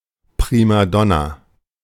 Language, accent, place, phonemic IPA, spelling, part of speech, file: German, Germany, Berlin, /ˌpʁiːmaˈdɔna/, Primadonna, noun, De-Primadonna.ogg
- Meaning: prima donna